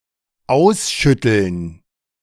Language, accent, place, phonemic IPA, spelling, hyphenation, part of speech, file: German, Germany, Berlin, /ˈaʊ̯sˌʃʏtl̩n/, ausschütteln, aus‧schüt‧teln, verb, De-ausschütteln.ogg
- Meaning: to shake out